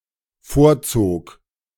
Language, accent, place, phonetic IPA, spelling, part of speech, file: German, Germany, Berlin, [ˈfoːɐ̯ˌt͡soːk], vorzog, verb, De-vorzog.ogg
- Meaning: first/third-person singular dependent preterite of vorziehen